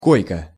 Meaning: 1. bunk, hammock 2. bunk, hammock: berth in a passenger train 3. hospital bed 4. cot, bed; any sleeping furniture for use by one person
- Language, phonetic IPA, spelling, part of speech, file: Russian, [ˈkojkə], койка, noun, Ru-койка.ogg